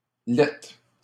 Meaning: ugly
- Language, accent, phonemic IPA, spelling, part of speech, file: French, Canada, /lɛt/, lette, adjective, LL-Q150 (fra)-lette.wav